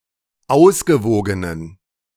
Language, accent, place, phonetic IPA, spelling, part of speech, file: German, Germany, Berlin, [ˈaʊ̯sɡəˌvoːɡənən], ausgewogenen, adjective, De-ausgewogenen.ogg
- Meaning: inflection of ausgewogen: 1. strong genitive masculine/neuter singular 2. weak/mixed genitive/dative all-gender singular 3. strong/weak/mixed accusative masculine singular 4. strong dative plural